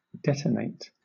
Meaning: 1. To explode, blow up 2. To explode, blow up: To combust or decompose supersonically via shock compression 3. To cause to explode 4. To express sudden anger
- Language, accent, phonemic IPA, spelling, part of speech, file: English, Southern England, /ˈdɛtəneɪt/, detonate, verb, LL-Q1860 (eng)-detonate.wav